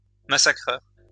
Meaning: slaughterer
- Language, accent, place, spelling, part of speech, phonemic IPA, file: French, France, Lyon, massacreur, noun, /ma.sa.kʁœʁ/, LL-Q150 (fra)-massacreur.wav